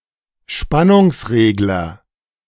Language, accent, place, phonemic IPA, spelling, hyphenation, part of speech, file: German, Germany, Berlin, /ˈʃpanʊŋsˌʁeːɡlɐ/, Spannungsregler, Span‧nungs‧reg‧ler, noun, De-Spannungsregler.ogg
- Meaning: voltage regulator, voltage controller